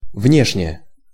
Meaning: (adverb) outwardly, externally, outside, outward, outdoors; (adjective) short neuter singular of вне́шний (vnéšnij)
- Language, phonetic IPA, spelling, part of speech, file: Russian, [ˈvnʲeʂnʲe], внешне, adverb / adjective, Ru-внешне.ogg